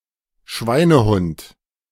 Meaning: 1. the working dog of a swine-herd 2. bastard
- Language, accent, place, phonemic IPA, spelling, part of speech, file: German, Germany, Berlin, /ˈʃvaɪ̯nəhʊnt/, Schweinehund, noun, De-Schweinehund.ogg